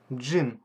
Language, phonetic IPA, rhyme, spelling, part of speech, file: Russian, [d͡ʐʐɨn], -ɨn, джин, noun, Ru-джин.ogg
- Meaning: gin